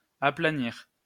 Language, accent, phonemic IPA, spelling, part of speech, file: French, France, /a.pla.niʁ/, aplanir, verb, LL-Q150 (fra)-aplanir.wav
- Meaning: to level, even out